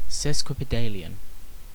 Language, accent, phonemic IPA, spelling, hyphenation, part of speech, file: English, Received Pronunciation, /ˌsɛs.kwɪ.pɪˈdeɪ.lɪ.ən/, sesquipedalian, ses‧qui‧pe‧da‧li‧an, adjective / noun, En-uk-sesquipedalian.ogg
- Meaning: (adjective) 1. Long; polysyllabic 2. Pertaining to or given to the use of overly long words; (noun) 1. A long word 2. A person who uses long words